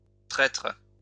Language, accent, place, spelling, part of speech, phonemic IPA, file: French, France, Lyon, traitre, noun, /tʁɛtʁ/, LL-Q150 (fra)-traitre.wav
- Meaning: post-1990 spelling of traître